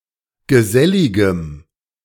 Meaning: strong dative masculine/neuter singular of gesellig
- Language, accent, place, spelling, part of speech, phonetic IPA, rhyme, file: German, Germany, Berlin, geselligem, adjective, [ɡəˈzɛlɪɡəm], -ɛlɪɡəm, De-geselligem.ogg